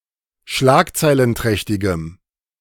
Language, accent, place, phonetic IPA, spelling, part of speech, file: German, Germany, Berlin, [ˈʃlaːkt͡saɪ̯lənˌtʁɛçtɪɡəm], schlagzeilenträchtigem, adjective, De-schlagzeilenträchtigem.ogg
- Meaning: strong dative masculine/neuter singular of schlagzeilenträchtig